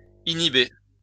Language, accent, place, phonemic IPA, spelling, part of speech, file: French, France, Lyon, /i.ni.be/, inhibé, verb, LL-Q150 (fra)-inhibé.wav
- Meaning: past participle of inhiber